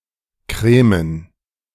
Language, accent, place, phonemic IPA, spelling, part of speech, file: German, Germany, Berlin, /ˈkʁeːmən/, cremen, verb, De-cremen.ogg
- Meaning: cream